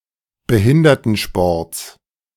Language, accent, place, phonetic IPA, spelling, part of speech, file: German, Germany, Berlin, [bəˈhɪndɐtn̩ˌʃpɔʁt͡s], Behindertensports, noun, De-Behindertensports.ogg
- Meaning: genitive singular of Behindertensport